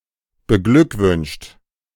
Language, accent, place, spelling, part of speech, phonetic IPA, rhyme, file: German, Germany, Berlin, beglückwünscht, verb, [bəˈɡlʏkˌvʏnʃt], -ʏkvʏnʃt, De-beglückwünscht.ogg
- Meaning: 1. past participle of beglückwünschen 2. inflection of beglückwünschen: third-person singular present 3. inflection of beglückwünschen: second-person plural present